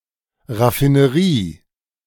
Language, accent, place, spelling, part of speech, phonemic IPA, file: German, Germany, Berlin, Raffinerie, noun, /ˌʁafinəˈʁiː/, De-Raffinerie.ogg
- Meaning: refinery